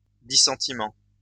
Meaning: 1. dissent 2. disagreement
- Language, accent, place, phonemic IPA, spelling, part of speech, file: French, France, Lyon, /di.sɑ̃.ti.mɑ̃/, dissentiment, noun, LL-Q150 (fra)-dissentiment.wav